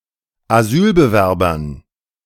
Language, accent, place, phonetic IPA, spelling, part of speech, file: German, Germany, Berlin, [aˈzyːlbəˌvɛʁbɐn], Asylbewerbern, noun, De-Asylbewerbern.ogg
- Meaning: dative plural of Asylbewerber